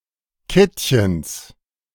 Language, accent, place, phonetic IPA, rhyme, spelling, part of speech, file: German, Germany, Berlin, [ˈkɪtçəns], -ɪtçəns, Kittchens, noun, De-Kittchens.ogg
- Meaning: genitive of Kittchen